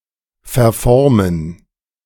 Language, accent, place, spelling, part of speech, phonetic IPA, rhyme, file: German, Germany, Berlin, verformen, verb, [fɛɐ̯ˈfɔʁmən], -ɔʁmən, De-verformen.ogg
- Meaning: to deform